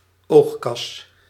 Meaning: eye socket
- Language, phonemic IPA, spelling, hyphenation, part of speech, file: Dutch, /ˈoːx.kɑs/, oogkas, oog‧kas, noun, Nl-oogkas.ogg